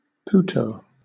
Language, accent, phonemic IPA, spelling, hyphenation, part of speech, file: English, Southern England, /ˈpʊtəʊ/, putto, put‧to, noun, LL-Q1860 (eng)-putto.wav
- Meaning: A representation, especially in Renaissance or Baroque art, of a small, naked, often winged (usually male) child; a cherub